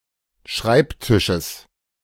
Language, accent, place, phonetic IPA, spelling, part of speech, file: German, Germany, Berlin, [ˈʃʁaɪ̯pˌtɪʃəs], Schreibtisches, noun, De-Schreibtisches.ogg
- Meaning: genitive singular of Schreibtisch